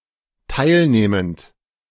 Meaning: present participle of teilnehmen
- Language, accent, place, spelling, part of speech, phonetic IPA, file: German, Germany, Berlin, teilnehmend, verb, [ˈtaɪ̯lˌneːmənt], De-teilnehmend.ogg